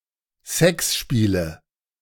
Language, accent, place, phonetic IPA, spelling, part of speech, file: German, Germany, Berlin, [ˈsɛksˌʃpiːlə], Sexspiele, noun, De-Sexspiele.ogg
- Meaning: nominative/accusative/genitive plural of Sexspiel